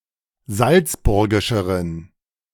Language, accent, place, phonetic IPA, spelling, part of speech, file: German, Germany, Berlin, [ˈzalt͡sˌbʊʁɡɪʃəʁən], salzburgischeren, adjective, De-salzburgischeren.ogg
- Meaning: inflection of salzburgisch: 1. strong genitive masculine/neuter singular comparative degree 2. weak/mixed genitive/dative all-gender singular comparative degree